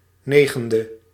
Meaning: ninth
- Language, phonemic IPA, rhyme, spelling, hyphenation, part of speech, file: Dutch, /ˈneːɣəndə/, -eːɣəndə, negende, ne‧gen‧de, adjective, Nl-negende.ogg